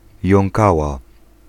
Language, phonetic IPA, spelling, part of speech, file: Polish, [jɔ̃ŋˈkawa], jąkała, noun, Pl-jąkała.ogg